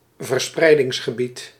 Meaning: range (of repartition of a certain phenomenon)
- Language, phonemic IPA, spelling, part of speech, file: Dutch, /vərˈsprɛidɪŋsxəˌbit/, verspreidingsgebied, noun, Nl-verspreidingsgebied.ogg